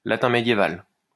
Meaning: Medieval Latin
- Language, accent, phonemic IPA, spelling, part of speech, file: French, France, /la.tɛ̃ me.dje.val/, latin médiéval, noun, LL-Q150 (fra)-latin médiéval.wav